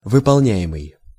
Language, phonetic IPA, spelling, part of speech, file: Russian, [vɨpɐɫˈnʲæ(j)ɪmɨj], выполняемый, verb, Ru-выполняемый.ogg
- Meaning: present passive imperfective participle of выполня́ть (vypolnjátʹ)